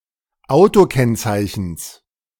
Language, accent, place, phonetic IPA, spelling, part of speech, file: German, Germany, Berlin, [ˈaʊ̯toˌkɛnt͡saɪ̯çn̩s], Autokennzeichens, noun, De-Autokennzeichens.ogg
- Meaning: genitive of Autokennzeichen